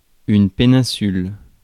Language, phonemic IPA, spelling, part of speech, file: French, /pe.nɛ̃.syl/, péninsule, noun, Fr-péninsule.ogg
- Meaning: peninsula